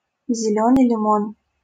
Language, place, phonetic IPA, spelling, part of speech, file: Russian, Saint Petersburg, [zʲɪˈlʲɵnɨj lʲɪˈmon], зелёный лимон, noun, LL-Q7737 (rus)-зелёный лимон.wav
- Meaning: lime (a green citrus fruit)